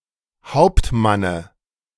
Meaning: dative singular of Hauptmann
- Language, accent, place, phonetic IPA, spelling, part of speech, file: German, Germany, Berlin, [ˈhaʊ̯ptˌmanə], Hauptmanne, noun, De-Hauptmanne.ogg